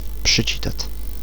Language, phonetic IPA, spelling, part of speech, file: Czech, [ˈpr̝̊ɪt͡ʃiːtat], přičítat, verb, Cs-přičítat.ogg
- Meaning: imperfective of přičíst